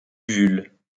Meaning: uvula
- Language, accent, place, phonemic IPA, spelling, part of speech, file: French, France, Lyon, /y.vyl/, uvule, noun, LL-Q150 (fra)-uvule.wav